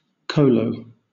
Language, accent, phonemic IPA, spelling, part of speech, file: English, Southern England, /ˈkəʊləʊ/, kolo, noun, LL-Q1860 (eng)-kolo.wav
- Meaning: A national folk dance common in regions pertaining to South Slavic people, performed in a circle